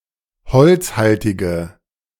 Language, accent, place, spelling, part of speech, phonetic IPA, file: German, Germany, Berlin, holzhaltige, adjective, [ˈhɔlt͡sˌhaltɪɡə], De-holzhaltige.ogg
- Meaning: inflection of holzhaltig: 1. strong/mixed nominative/accusative feminine singular 2. strong nominative/accusative plural 3. weak nominative all-gender singular